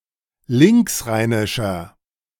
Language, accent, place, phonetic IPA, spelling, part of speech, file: German, Germany, Berlin, [ˈlɪŋksˌʁaɪ̯nɪʃɐ], linksrheinischer, adjective, De-linksrheinischer.ogg
- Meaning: inflection of linksrheinisch: 1. strong/mixed nominative masculine singular 2. strong genitive/dative feminine singular 3. strong genitive plural